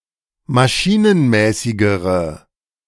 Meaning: inflection of maschinenmäßig: 1. strong/mixed nominative/accusative feminine singular comparative degree 2. strong nominative/accusative plural comparative degree
- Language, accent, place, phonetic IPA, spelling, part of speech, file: German, Germany, Berlin, [maˈʃiːnənˌmɛːsɪɡəʁə], maschinenmäßigere, adjective, De-maschinenmäßigere.ogg